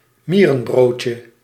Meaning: elaiosome
- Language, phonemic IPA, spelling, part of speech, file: Dutch, /ˈmi.rə(n)ˌbroː.tjə/, mierenbroodje, noun, Nl-mierenbroodje.ogg